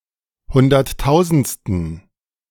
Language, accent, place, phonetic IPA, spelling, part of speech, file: German, Germany, Berlin, [ˈhʊndɐtˌtaʊ̯zn̩t͡stən], hunderttausendsten, adjective, De-hunderttausendsten.ogg
- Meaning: inflection of hunderttausendste: 1. strong genitive masculine/neuter singular 2. weak/mixed genitive/dative all-gender singular 3. strong/weak/mixed accusative masculine singular